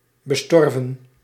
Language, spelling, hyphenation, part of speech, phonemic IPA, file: Dutch, bestorven, be‧stor‧ven, verb / adjective, /bəˈstɔr.və(n)/, Nl-bestorven.ogg
- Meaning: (verb) past participle of besterven; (adjective) orphaned (not having parents)